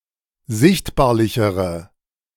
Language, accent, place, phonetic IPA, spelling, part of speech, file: German, Germany, Berlin, [ˈzɪçtbaːɐ̯lɪçəʁə], sichtbarlichere, adjective, De-sichtbarlichere.ogg
- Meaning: inflection of sichtbarlich: 1. strong/mixed nominative/accusative feminine singular comparative degree 2. strong nominative/accusative plural comparative degree